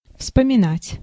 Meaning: to recall, to remember, to recollect, to reminisce
- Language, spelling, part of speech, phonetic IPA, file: Russian, вспоминать, verb, [fspəmʲɪˈnatʲ], Ru-вспоминать.ogg